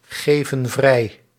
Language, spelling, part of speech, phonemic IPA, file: Dutch, geven vrij, verb, /ˈɣevə(n) ˈvrɛi/, Nl-geven vrij.ogg
- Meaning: inflection of vrijgeven: 1. plural present indicative 2. plural present subjunctive